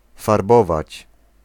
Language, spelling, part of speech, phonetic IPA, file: Polish, farbować, verb, [farˈbɔvat͡ɕ], Pl-farbować.ogg